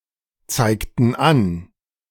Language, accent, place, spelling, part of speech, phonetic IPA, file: German, Germany, Berlin, zeigten an, verb, [ˌt͡saɪ̯ktn̩ ˈan], De-zeigten an.ogg
- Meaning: inflection of anzeigen: 1. first/third-person plural preterite 2. first/third-person plural subjunctive II